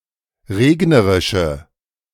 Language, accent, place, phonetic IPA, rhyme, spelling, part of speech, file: German, Germany, Berlin, [ˈʁeːɡnəʁɪʃə], -eːɡnəʁɪʃə, regnerische, adjective, De-regnerische.ogg
- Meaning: inflection of regnerisch: 1. strong/mixed nominative/accusative feminine singular 2. strong nominative/accusative plural 3. weak nominative all-gender singular